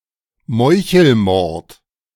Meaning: assassination
- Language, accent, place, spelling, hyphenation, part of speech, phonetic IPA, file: German, Germany, Berlin, Meuchelmord, Meu‧chel‧mord, noun, [ˈmɔɪ̯çl̩ˌmɔʁt], De-Meuchelmord.ogg